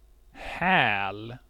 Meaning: heel (part of one's foot)
- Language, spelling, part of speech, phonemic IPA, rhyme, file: Swedish, häl, noun, /hɛːl/, -ɛːl, Sv-häl.ogg